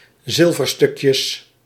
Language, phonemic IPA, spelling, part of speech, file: Dutch, /ˈzɪlvərstʏkjəs/, zilverstukjes, noun, Nl-zilverstukjes.ogg
- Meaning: plural of zilverstukje